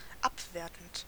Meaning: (verb) present participle of abwerten; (adjective) derogatory, pejorative, disparaging
- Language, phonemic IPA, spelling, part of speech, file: German, /ˈapˌveːɐ̯tn̩t/, abwertend, verb / adjective, De-abwertend.ogg